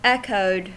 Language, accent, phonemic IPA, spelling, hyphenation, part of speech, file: English, US, /ˈɛkoʊd/, echoed, ech‧oed, verb, En-us-echoed.ogg
- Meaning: simple past and past participle of echo